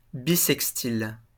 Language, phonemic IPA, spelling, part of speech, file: French, /bi.sɛk.stil/, bissextil, adjective, LL-Q150 (fra)-bissextil.wav
- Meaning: bissextile, leap year